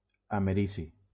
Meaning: americium
- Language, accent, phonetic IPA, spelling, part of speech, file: Catalan, Valencia, [a.meˈɾi.si], americi, noun, LL-Q7026 (cat)-americi.wav